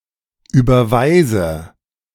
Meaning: inflection of überweisen: 1. first-person singular present 2. first/third-person singular subjunctive I 3. singular imperative
- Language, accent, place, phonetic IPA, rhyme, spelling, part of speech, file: German, Germany, Berlin, [ˌyːbɐˈvaɪ̯zə], -aɪ̯zə, überweise, verb, De-überweise.ogg